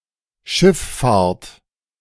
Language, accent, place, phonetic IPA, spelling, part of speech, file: German, Germany, Berlin, [ˈʃɪfˌfaːɐ̯t], Schiff-Fahrt, noun, De-Schiff-Fahrt.ogg
- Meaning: alternative spelling of Schifffahrt